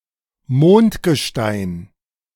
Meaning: moon rock
- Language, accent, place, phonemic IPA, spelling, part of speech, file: German, Germany, Berlin, /ˈmoːntɡəˌʃtaɪ̯n/, Mondgestein, noun, De-Mondgestein.ogg